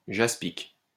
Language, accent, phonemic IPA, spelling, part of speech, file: French, France, /ʒas.pik/, jaspique, adjective, LL-Q150 (fra)-jaspique.wav